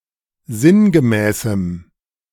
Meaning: strong dative masculine/neuter singular of sinngemäß
- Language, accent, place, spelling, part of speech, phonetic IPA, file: German, Germany, Berlin, sinngemäßem, adjective, [ˈzɪnɡəˌmɛːsm̩], De-sinngemäßem.ogg